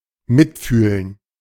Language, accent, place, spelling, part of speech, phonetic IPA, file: German, Germany, Berlin, mitfühlen, verb, [ˈmɪtˌfyːlən], De-mitfühlen.ogg
- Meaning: to empathize, sympathize, feel for